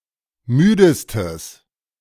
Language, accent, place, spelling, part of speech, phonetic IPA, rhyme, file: German, Germany, Berlin, müdestes, adjective, [ˈmyːdəstəs], -yːdəstəs, De-müdestes.ogg
- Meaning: strong/mixed nominative/accusative neuter singular superlative degree of müde